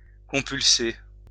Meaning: to consult
- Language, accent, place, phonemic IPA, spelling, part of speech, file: French, France, Lyon, /kɔ̃.pyl.se/, compulser, verb, LL-Q150 (fra)-compulser.wav